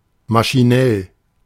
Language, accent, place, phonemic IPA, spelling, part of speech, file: German, Germany, Berlin, /maʃiˈnɛl/, maschinell, adjective, De-maschinell.ogg
- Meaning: mechanical, automatic